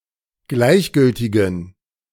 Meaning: inflection of gleichgültig: 1. strong genitive masculine/neuter singular 2. weak/mixed genitive/dative all-gender singular 3. strong/weak/mixed accusative masculine singular 4. strong dative plural
- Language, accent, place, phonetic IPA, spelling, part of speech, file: German, Germany, Berlin, [ˈɡlaɪ̯çˌɡʏltɪɡn̩], gleichgültigen, adjective, De-gleichgültigen.ogg